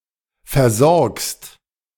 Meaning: second-person singular present of versorgen
- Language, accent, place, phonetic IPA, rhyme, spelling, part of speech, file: German, Germany, Berlin, [fɛɐ̯ˈzɔʁkst], -ɔʁkst, versorgst, verb, De-versorgst.ogg